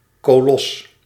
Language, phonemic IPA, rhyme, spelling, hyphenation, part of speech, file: Dutch, /koːˈlɔs/, -ɔs, kolos, ko‧los, noun, Nl-kolos.ogg
- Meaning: colossus